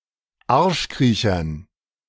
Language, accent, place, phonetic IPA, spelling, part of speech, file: German, Germany, Berlin, [ˈaʁʃˌkʁiːçɐn], Arschkriechern, noun, De-Arschkriechern.ogg
- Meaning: dative plural of Arschkriecher